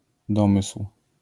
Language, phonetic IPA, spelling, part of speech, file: Polish, [ˈdɔ̃mɨsw̥], domysł, noun, LL-Q809 (pol)-domysł.wav